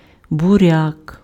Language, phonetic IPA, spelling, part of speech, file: Ukrainian, [bʊˈrʲak], буряк, noun, Uk-буряк.ogg
- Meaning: 1. beet (Beta vulgaris) 2. beetroot